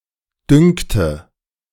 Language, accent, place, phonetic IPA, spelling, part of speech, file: German, Germany, Berlin, [ˈdʏŋktə], dünkte, verb, De-dünkte.ogg
- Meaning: first/third-person singular subjunctive II of dünken